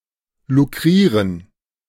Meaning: to win, to profit by means of
- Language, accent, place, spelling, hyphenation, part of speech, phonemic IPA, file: German, Germany, Berlin, lukrieren, lu‧k‧rie‧ren, verb, /luˈkʁiːʁən/, De-lukrieren.ogg